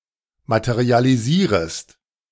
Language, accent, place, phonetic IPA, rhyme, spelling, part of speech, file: German, Germany, Berlin, [ˌmatəʁialiˈziːʁəst], -iːʁəst, materialisierest, verb, De-materialisierest.ogg
- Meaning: second-person singular subjunctive I of materialisieren